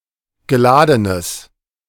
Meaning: strong/mixed nominative/accusative neuter singular of geladen
- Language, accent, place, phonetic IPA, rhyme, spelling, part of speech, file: German, Germany, Berlin, [ɡəˈlaːdənəs], -aːdənəs, geladenes, adjective, De-geladenes.ogg